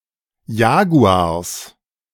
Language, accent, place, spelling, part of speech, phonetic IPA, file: German, Germany, Berlin, Jaguars, noun, [ˈjaːɡuaːɐ̯s], De-Jaguars.ogg
- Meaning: genitive singular of Jaguar